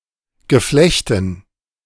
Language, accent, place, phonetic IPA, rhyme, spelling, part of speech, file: German, Germany, Berlin, [ɡəˈflɛçtn̩], -ɛçtn̩, Geflechten, noun, De-Geflechten.ogg
- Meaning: dative plural of Geflecht